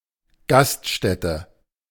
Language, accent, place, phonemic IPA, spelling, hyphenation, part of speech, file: German, Germany, Berlin, /ˈɡastʃtɛtə/, Gaststätte, Gast‧stät‧te, noun, De-Gaststätte.ogg
- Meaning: restaurant